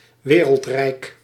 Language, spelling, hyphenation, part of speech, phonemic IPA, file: Dutch, wereldrijk, we‧reld‧rijk, noun, /ˈʋeː.rəltˌrɛi̯k/, Nl-wereldrijk.ogg
- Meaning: 1. a global empire, that rules much of the (known) world 2. a colonial empire which comprises at least part of every (known) continent